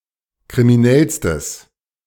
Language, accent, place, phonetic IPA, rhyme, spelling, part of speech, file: German, Germany, Berlin, [kʁimiˈnɛlstəs], -ɛlstəs, kriminellstes, adjective, De-kriminellstes.ogg
- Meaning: strong/mixed nominative/accusative neuter singular superlative degree of kriminell